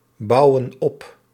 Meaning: inflection of opbouwen: 1. plural present indicative 2. plural present subjunctive
- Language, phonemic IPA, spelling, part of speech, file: Dutch, /ˈbɑuwə(n) ˈɔp/, bouwen op, verb, Nl-bouwen op.ogg